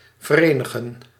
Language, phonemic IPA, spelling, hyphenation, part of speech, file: Dutch, /vərˈeː.nə.ɣə(n)/, verenigen, ver‧eni‧gen, verb, Nl-verenigen.ogg
- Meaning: to unite